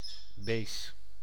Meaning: base, alkali
- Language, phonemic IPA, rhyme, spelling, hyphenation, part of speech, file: Dutch, /ˈbaː.zə/, -aːzə, base, ba‧se, noun, Nl-base.ogg